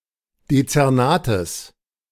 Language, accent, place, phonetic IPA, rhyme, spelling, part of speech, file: German, Germany, Berlin, [det͡sɛʁˈnaːtəs], -aːtəs, Dezernates, noun, De-Dezernates.ogg
- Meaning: genitive singular of Dezernat